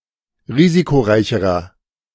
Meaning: inflection of risikoreich: 1. strong/mixed nominative masculine singular comparative degree 2. strong genitive/dative feminine singular comparative degree 3. strong genitive plural comparative degree
- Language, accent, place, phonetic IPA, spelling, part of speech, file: German, Germany, Berlin, [ˈʁiːzikoˌʁaɪ̯çəʁɐ], risikoreicherer, adjective, De-risikoreicherer.ogg